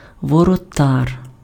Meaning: 1. gatekeeper, gateman 2. goalkeeper, goaltender
- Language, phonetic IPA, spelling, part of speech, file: Ukrainian, [wɔrɔˈtar], воротар, noun, Uk-воротар.ogg